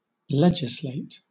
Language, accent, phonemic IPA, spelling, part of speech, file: English, Southern England, /ˈlɛd͡ʒɪsˌleɪt/, legislate, verb, LL-Q1860 (eng)-legislate.wav
- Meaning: To pass laws (including the amending or repeal of existing laws)